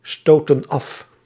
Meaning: inflection of afstoten: 1. plural past indicative 2. plural past subjunctive
- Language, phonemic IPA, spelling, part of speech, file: Dutch, /ˈstotə(n) ˈɑf/, stootten af, verb, Nl-stootten af.ogg